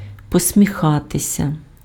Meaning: 1. to smile 2. to smile ironically or skeptically
- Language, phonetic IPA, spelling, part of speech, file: Ukrainian, [pɔsʲmʲiˈxatesʲɐ], посміхатися, verb, Uk-посміхатися.ogg